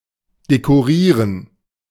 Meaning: to decorate
- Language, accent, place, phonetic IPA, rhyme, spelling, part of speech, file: German, Germany, Berlin, [dekoˈʁiːʁən], -iːʁən, dekorieren, verb, De-dekorieren.ogg